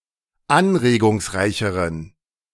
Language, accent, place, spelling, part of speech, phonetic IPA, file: German, Germany, Berlin, anregungsreicheren, adjective, [ˈanʁeːɡʊŋsˌʁaɪ̯çəʁən], De-anregungsreicheren.ogg
- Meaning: inflection of anregungsreich: 1. strong genitive masculine/neuter singular comparative degree 2. weak/mixed genitive/dative all-gender singular comparative degree